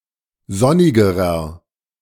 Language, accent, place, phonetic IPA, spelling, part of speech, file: German, Germany, Berlin, [ˈzɔnɪɡəʁɐ], sonnigerer, adjective, De-sonnigerer.ogg
- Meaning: inflection of sonnig: 1. strong/mixed nominative masculine singular comparative degree 2. strong genitive/dative feminine singular comparative degree 3. strong genitive plural comparative degree